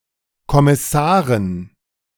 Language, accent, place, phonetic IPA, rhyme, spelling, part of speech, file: German, Germany, Berlin, [kɔmɪˈsaːʁən], -aːʁən, Kommissaren, noun, De-Kommissaren.ogg
- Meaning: dative plural of Kommissar